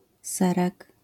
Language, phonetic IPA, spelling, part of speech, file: Polish, [ˈsɛrɛk], serek, noun, LL-Q809 (pol)-serek.wav